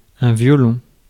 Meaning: 1. violin 2. violinist 3. jail
- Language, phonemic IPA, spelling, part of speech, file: French, /vjɔ.lɔ̃/, violon, noun, Fr-violon.ogg